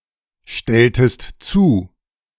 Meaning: inflection of zustellen: 1. second-person singular preterite 2. second-person singular subjunctive II
- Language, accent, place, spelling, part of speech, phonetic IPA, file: German, Germany, Berlin, stelltest zu, verb, [ˌʃtɛltəst ˈt͡suː], De-stelltest zu.ogg